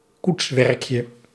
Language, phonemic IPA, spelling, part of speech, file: Dutch, /ˈkutswɛrᵊkjə/, koetswerkje, noun, Nl-koetswerkje.ogg
- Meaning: diminutive of koetswerk